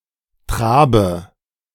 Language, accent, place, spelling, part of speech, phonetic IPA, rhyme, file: German, Germany, Berlin, trabe, verb, [ˈtʁaːbə], -aːbə, De-trabe.ogg
- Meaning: inflection of traben: 1. first-person singular present 2. first/third-person singular subjunctive I 3. singular imperative